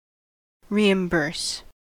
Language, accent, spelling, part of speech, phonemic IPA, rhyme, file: English, US, reimburse, verb, /ˌɹiːɪmˈbɜː(ɹ)s/, -ɜː(ɹ)s, En-us-reimburse.ogg
- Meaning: 1. To compensate (someone) with payment; especially, to repay money spent on someone's behalf 2. To recoup (funds spent)